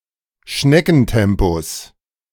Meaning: genitive singular of Schneckentempo
- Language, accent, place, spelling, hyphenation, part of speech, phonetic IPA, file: German, Germany, Berlin, Schneckentempos, Schne‧cken‧tem‧pos, noun, [ˈʃnɛkn̩ˌtɛmpos], De-Schneckentempos.ogg